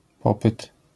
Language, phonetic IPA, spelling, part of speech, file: Polish, [ˈpɔpɨt], popyt, noun, LL-Q809 (pol)-popyt.wav